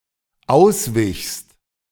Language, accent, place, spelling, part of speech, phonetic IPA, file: German, Germany, Berlin, auswichst, verb, [ˈaʊ̯sˌvɪçst], De-auswichst.ogg
- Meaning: second-person singular dependent preterite of ausweichen